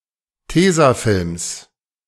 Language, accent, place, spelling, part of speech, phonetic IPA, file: German, Germany, Berlin, Tesafilms, noun, [ˈteːzaˌfɪlms], De-Tesafilms.ogg
- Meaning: genitive singular of Tesafilm